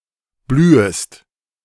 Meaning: second-person singular subjunctive I of blühen
- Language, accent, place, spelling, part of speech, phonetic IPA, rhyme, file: German, Germany, Berlin, blühest, verb, [ˈblyːəst], -yːəst, De-blühest.ogg